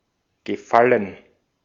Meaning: 1. favor, favour (UK) (a deed in which help is voluntarily provided) 2. gerund of gefallen
- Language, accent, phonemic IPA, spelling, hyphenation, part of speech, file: German, Austria, /ɡəˈfalən/, Gefallen, Ge‧fal‧len, noun, De-at-Gefallen.ogg